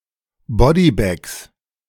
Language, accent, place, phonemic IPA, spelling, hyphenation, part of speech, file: German, Germany, Berlin, /ˈbɔdiˌbɛks/, Bodybags, Bo‧dy‧bags, noun, De-Bodybags.ogg
- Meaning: inflection of Bodybag: 1. genitive singular 2. all cases plural